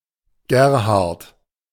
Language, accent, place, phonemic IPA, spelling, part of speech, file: German, Germany, Berlin, /ˈɡeːɐ̯haʁt/, Gerhardt, proper noun, De-Gerhardt.ogg
- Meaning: 1. a male given name 2. a surname transferred from the given name derived from the given name